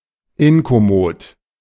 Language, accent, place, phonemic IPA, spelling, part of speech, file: German, Germany, Berlin, /ˈɪnkɔˌmoːt/, inkommod, adjective, De-inkommod.ogg
- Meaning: incommodious, uncomfortable